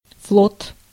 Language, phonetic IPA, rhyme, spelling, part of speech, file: Russian, [fɫot], -ot, флот, noun, Ru-флот.ogg
- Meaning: fleet, naval fleet